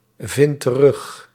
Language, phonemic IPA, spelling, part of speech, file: Dutch, /ˈvɪnt t(ə)ˈrʏx/, vind terug, verb, Nl-vind terug.ogg
- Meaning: inflection of terugvinden: 1. first-person singular present indicative 2. second-person singular present indicative 3. imperative